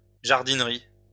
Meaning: garden centre; shop selling gardening-related produce
- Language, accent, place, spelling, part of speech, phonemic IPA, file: French, France, Lyon, jardinerie, noun, /ʒaʁ.din.ʁi/, LL-Q150 (fra)-jardinerie.wav